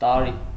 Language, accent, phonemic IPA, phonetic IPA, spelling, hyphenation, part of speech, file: Armenian, Eastern Armenian, /tɑˈɾi/, [tɑɾí], տարի, տա‧րի, noun, Hy-տարի.ogg
- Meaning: year